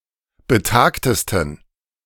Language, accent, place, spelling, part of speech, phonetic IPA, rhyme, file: German, Germany, Berlin, betagtesten, adjective, [bəˈtaːktəstn̩], -aːktəstn̩, De-betagtesten.ogg
- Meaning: 1. superlative degree of betagt 2. inflection of betagt: strong genitive masculine/neuter singular superlative degree